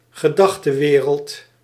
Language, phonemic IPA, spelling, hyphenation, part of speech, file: Dutch, /ɣəˈdɑxtəˌwerəlt/, gedachtewereld, ge‧dach‧te‧we‧reld, noun, Nl-gedachtewereld.ogg
- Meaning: 1. belief system 2. mindset, set of thoughts